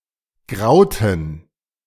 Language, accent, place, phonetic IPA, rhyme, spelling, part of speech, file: German, Germany, Berlin, [ˈɡʁaʊ̯tn̩], -aʊ̯tn̩, grauten, verb, De-grauten.ogg
- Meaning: inflection of grauen: 1. first/third-person plural preterite 2. first/third-person plural subjunctive II